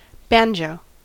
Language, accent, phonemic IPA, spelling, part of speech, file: English, US, /ˈbæn.d͡ʒoʊ/, banjo, noun / verb, En-us-banjo.ogg
- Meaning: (noun) A stringed musical instrument (chordophone), usually with a round body, a membrane-like soundboard and a fretted neck, played by plucking or strumming the strings